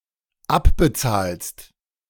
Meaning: second-person singular dependent present of abbezahlen
- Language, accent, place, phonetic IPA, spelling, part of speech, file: German, Germany, Berlin, [ˈapbəˌt͡saːlst], abbezahlst, verb, De-abbezahlst.ogg